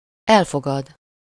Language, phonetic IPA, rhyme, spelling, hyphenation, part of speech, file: Hungarian, [ˈɛlfoɡɒd], -ɒd, elfogad, el‧fo‧gad, verb, Hu-elfogad.ogg
- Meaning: to accept (as something: -ul/-ül or -ként)